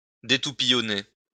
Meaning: "to prune (orange-trees)"
- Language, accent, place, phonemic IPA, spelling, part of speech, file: French, France, Lyon, /de.tu.pi.jɔ.ne/, détoupillonner, verb, LL-Q150 (fra)-détoupillonner.wav